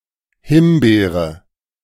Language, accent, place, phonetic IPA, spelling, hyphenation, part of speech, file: German, Germany, Berlin, [ˈhɪmˌbeːʁə], Himbeere, Him‧bee‧re, noun, De-Himbeere2.ogg
- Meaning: raspberry